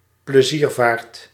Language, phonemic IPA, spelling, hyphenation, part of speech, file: Dutch, /pləˈzirˌvaːrt/, pleziervaart, ple‧zier‧vaart, noun, Nl-pleziervaart.ogg
- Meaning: 1. recreational sailing, recreational boating 2. pleasure cruise